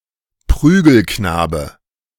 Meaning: whipping boy; (figurative) punching bag
- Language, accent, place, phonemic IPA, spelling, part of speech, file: German, Germany, Berlin, /ˈpʁyːɡəlknaːbə/, Prügelknabe, noun, De-Prügelknabe.ogg